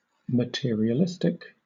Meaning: 1. Being overly concerned with material possessions and wealth 2. Synonym of materialist, of or concerning materialism
- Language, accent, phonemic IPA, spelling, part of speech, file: English, Southern England, /məˌtɪəɹ.i.əˈlɪs.tɪk/, materialistic, adjective, LL-Q1860 (eng)-materialistic.wav